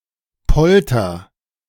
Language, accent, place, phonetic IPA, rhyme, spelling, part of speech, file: German, Germany, Berlin, [ˈpɔltɐ], -ɔltɐ, polter, verb, De-polter.ogg
- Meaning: inflection of poltern: 1. first-person singular present 2. singular imperative